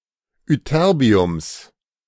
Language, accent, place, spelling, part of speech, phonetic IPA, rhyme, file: German, Germany, Berlin, Ytterbiums, noun, [ʏˈtɛʁbi̯ʊms], -ɛʁbi̯ʊms, De-Ytterbiums.ogg
- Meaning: genitive singular of Ytterbium